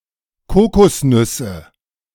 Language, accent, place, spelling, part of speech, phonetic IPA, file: German, Germany, Berlin, Kokosnüsse, noun, [ˈkoːkɔsˌnʏsə], De-Kokosnüsse.ogg
- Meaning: nominative/accusative/genitive plural of Kokosnuss